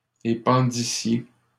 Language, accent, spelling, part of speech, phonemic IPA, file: French, Canada, épandissiez, verb, /e.pɑ̃.di.sje/, LL-Q150 (fra)-épandissiez.wav
- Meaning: second-person plural imperfect subjunctive of épandre